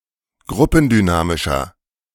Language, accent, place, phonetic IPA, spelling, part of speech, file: German, Germany, Berlin, [ˈɡʁʊpn̩dyˌnaːmɪʃɐ], gruppendynamischer, adjective, De-gruppendynamischer.ogg
- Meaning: inflection of gruppendynamisch: 1. strong/mixed nominative masculine singular 2. strong genitive/dative feminine singular 3. strong genitive plural